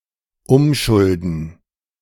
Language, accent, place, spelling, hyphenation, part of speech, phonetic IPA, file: German, Germany, Berlin, umschulden, um‧schul‧den, verb, [ˈʊmˌʃʊldn̩], De-umschulden.ogg
- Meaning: to convert debts